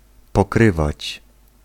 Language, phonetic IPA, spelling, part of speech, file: Polish, [pɔˈkrɨvat͡ɕ], pokrywać, verb, Pl-pokrywać.ogg